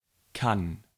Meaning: first/third-person singular present of können
- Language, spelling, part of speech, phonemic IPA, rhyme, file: German, kann, verb, /kan/, -an, De-kann.ogg